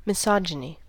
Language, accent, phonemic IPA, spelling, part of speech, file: English, US, /mɪˈsɑd͡ʒ.ɪ.ni/, misogyny, noun, En-us-misogyny.ogg
- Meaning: Hatred of, contempt for, or prejudice against women